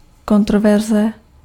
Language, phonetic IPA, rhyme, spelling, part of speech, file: Czech, [ˈkontrovɛrzɛ], -ɛrzɛ, kontroverze, noun, Cs-kontroverze.ogg
- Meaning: controversy